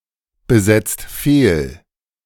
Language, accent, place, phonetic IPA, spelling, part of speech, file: German, Germany, Berlin, [bəˌzɛt͡st ˈfeːl], besetzt fehl, verb, De-besetzt fehl.ogg
- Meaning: inflection of fehlbesetzen: 1. second/third-person singular present 2. second-person plural present 3. plural imperative